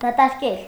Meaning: to empty
- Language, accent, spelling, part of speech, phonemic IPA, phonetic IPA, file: Armenian, Eastern Armenian, դատարկել, verb, /dɑtɑɾˈkel/, [dɑtɑɾkél], Hy-դատարկել.ogg